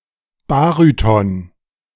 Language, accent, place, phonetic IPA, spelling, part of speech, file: German, Germany, Berlin, [ˈbaːʁytɔn], Baryton, noun, De-Baryton.ogg
- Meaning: baryton